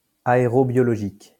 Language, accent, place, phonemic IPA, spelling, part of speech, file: French, France, Lyon, /a.e.ʁɔ.bjɔ.lɔ.ʒik/, aérobiologique, adjective, LL-Q150 (fra)-aérobiologique.wav
- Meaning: aerobiological